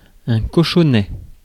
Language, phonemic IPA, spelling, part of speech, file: French, /kɔ.ʃɔ.nɛ/, cochonnet, noun, Fr-cochonnet.ogg
- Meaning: 1. piglet, young pig 2. jack, jack-ball